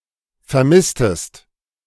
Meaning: inflection of vermissen: 1. second-person singular preterite 2. second-person singular subjunctive II
- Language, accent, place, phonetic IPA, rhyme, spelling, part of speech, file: German, Germany, Berlin, [fɛɐ̯ˈmɪstəst], -ɪstəst, vermisstest, verb, De-vermisstest.ogg